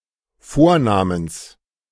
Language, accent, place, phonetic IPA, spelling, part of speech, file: German, Germany, Berlin, [ˈfoːɐ̯ˌnaːməns], Vornamens, noun, De-Vornamens.ogg
- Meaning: genitive singular of Vorname